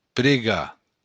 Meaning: 1. to pray 2. to ask, politely request
- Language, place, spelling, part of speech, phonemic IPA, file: Occitan, Béarn, pregar, verb, /pɾeˈɣa/, LL-Q14185 (oci)-pregar.wav